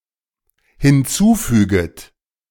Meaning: second-person plural dependent subjunctive I of hinzufügen
- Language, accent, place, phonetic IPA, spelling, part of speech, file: German, Germany, Berlin, [hɪnˈt͡suːˌfyːɡət], hinzufüget, verb, De-hinzufüget.ogg